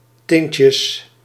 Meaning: plural of tintje
- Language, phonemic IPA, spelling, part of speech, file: Dutch, /ˈtɪncəs/, tintjes, noun, Nl-tintjes.ogg